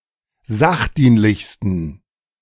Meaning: 1. superlative degree of sachdienlich 2. inflection of sachdienlich: strong genitive masculine/neuter singular superlative degree
- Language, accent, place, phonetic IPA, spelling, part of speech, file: German, Germany, Berlin, [ˈzaxˌdiːnlɪçstn̩], sachdienlichsten, adjective, De-sachdienlichsten.ogg